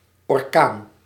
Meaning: 1. hurricane 2. an uncontrollable/destructive force 3. something moving extremely fast
- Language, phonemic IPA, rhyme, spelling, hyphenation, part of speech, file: Dutch, /ɔrˈkaːn/, -aːn, orkaan, or‧kaan, noun, Nl-orkaan.ogg